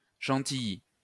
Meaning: Chantilly cream
- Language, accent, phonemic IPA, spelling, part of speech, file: French, France, /ʃɑ̃.ti.ji/, chantilly, noun, LL-Q150 (fra)-chantilly.wav